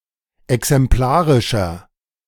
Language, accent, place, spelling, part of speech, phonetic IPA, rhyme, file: German, Germany, Berlin, exemplarischer, adjective, [ɛksɛmˈplaːʁɪʃɐ], -aːʁɪʃɐ, De-exemplarischer.ogg
- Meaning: inflection of exemplarisch: 1. strong/mixed nominative masculine singular 2. strong genitive/dative feminine singular 3. strong genitive plural